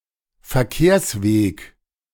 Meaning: transport road
- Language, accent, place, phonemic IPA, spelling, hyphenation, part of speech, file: German, Germany, Berlin, /fɛɐ̯ˈkeːɐ̯sˌveːk/, Verkehrsweg, Ver‧kehrs‧weg, noun, De-Verkehrsweg.ogg